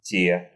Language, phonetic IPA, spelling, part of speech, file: Russian, [tʲe], те, determiner / pronoun, Ru-те.ogg
- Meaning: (determiner) inflection of тот (tot): 1. nominative plural 2. inanimate accusative plural